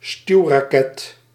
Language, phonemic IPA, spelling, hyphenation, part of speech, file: Dutch, /ˈstyu̯.raːˌkɛt/, stuwraket, stuw‧ra‧ket, noun, Nl-stuwraket.ogg
- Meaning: thruster, rocket used for propulsion